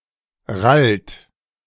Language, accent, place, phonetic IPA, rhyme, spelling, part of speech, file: German, Germany, Berlin, [ʁalt], -alt, rallt, verb, De-rallt.ogg
- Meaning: inflection of rallen: 1. third-person singular present 2. second-person plural present 3. plural imperative